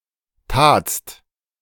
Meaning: second-person singular preterite of tun
- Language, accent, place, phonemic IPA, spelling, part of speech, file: German, Germany, Berlin, /taːtst/, tatst, verb, De-tatst.ogg